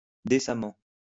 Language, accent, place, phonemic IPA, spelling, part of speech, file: French, France, Lyon, /de.sa.mɑ̃/, décemment, adverb, LL-Q150 (fra)-décemment.wav
- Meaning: 1. decently 2. reasonably